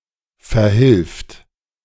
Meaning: third-person singular present of verhelfen
- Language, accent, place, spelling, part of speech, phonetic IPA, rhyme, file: German, Germany, Berlin, verhilft, verb, [fɛɐ̯ˈhɪlft], -ɪlft, De-verhilft.ogg